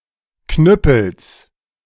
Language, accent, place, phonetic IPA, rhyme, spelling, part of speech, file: German, Germany, Berlin, [ˈknʏpl̩s], -ʏpl̩s, Knüppels, noun, De-Knüppels.ogg
- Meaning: genitive singular of Knüppel